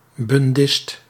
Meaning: Bundist, adherent of Bundism
- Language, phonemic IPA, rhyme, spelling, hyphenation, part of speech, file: Dutch, /bunˈdɪst/, -ɪst, bundist, bun‧dist, noun, Nl-bundist.ogg